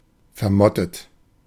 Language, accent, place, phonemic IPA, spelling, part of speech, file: German, Germany, Berlin, /fɛɐ̯ˈmɔtət/, vermottet, adjective, De-vermottet.ogg
- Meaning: moth-eaten